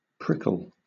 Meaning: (noun) A sharp and often small point, especially that of a plant; a thorn
- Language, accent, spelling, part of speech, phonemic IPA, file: English, Southern England, prickle, noun / verb, /ˈpɹɪkəl/, LL-Q1860 (eng)-prickle.wav